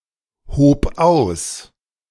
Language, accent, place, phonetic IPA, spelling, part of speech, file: German, Germany, Berlin, [ˌhoːp ˈaʊ̯s], hob aus, verb, De-hob aus.ogg
- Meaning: first/third-person singular preterite of ausheben